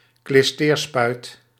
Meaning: enema syringe
- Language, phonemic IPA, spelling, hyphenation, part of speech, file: Dutch, /klɪsˈteːrˌspœy̯t/, klisteerspuit, klis‧teer‧spuit, noun, Nl-klisteerspuit.ogg